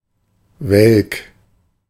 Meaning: wilted, faded
- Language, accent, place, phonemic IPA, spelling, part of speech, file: German, Germany, Berlin, /ˈvɛlk/, welk, adjective, De-welk.ogg